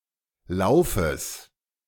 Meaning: genitive singular of Lauf
- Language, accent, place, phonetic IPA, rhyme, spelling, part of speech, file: German, Germany, Berlin, [ˈlaʊ̯fəs], -aʊ̯fəs, Laufes, noun, De-Laufes.ogg